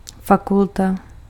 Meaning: faculty (division of a university)
- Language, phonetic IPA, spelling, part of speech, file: Czech, [ˈfakulta], fakulta, noun, Cs-fakulta.ogg